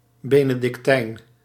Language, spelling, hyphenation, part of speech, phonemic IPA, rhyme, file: Dutch, benedictijn, be‧ne‧dic‧tijn, noun, /ˌbeː.nə.dɪkˈtɛi̯n/, -ɛi̯n, Nl-benedictijn.ogg
- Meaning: Benedictine